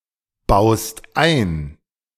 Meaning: second-person singular present of einbauen
- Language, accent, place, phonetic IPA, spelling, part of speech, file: German, Germany, Berlin, [ˌbaʊ̯st ˈaɪ̯n], baust ein, verb, De-baust ein.ogg